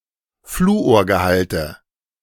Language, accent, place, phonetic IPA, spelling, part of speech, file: German, Germany, Berlin, [ˈfluːoːɐ̯ɡəˌhaltə], Fluorgehalte, noun, De-Fluorgehalte.ogg
- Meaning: nominative/accusative/genitive plural of Fluorgehalt